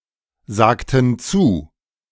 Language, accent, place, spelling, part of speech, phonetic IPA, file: German, Germany, Berlin, sagten zu, verb, [ˌzaːktn̩ ˈt͡suː], De-sagten zu.ogg
- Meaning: inflection of zusagen: 1. first/third-person plural preterite 2. first/third-person plural subjunctive II